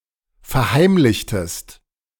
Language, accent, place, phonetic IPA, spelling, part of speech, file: German, Germany, Berlin, [fɛɐ̯ˈhaɪ̯mlɪçtəst], verheimlichtest, verb, De-verheimlichtest.ogg
- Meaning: inflection of verheimlichen: 1. second-person singular preterite 2. second-person singular subjunctive II